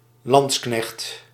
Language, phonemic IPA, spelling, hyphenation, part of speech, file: Dutch, /ˈlɑns.knɛxt/, lansknecht, lans‧knecht, noun, Nl-lansknecht.ogg
- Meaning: 1. alternative form of landsknecht 2. a soldier armed with a lance, a pikeman